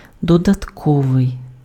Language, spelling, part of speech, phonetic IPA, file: Ukrainian, додатковий, adjective, [dɔdɐtˈkɔʋei̯], Uk-додатковий.ogg
- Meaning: 1. additional 2. supplemental, supplementary